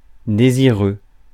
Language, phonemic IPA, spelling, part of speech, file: French, /de.zi.ʁø/, désireux, adjective, Fr-désireux.ogg
- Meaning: desirous